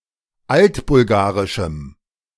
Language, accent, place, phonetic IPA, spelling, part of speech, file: German, Germany, Berlin, [ˈaltbʊlˌɡaːʁɪʃm̩], altbulgarischem, adjective, De-altbulgarischem.ogg
- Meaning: strong dative masculine/neuter singular of altbulgarisch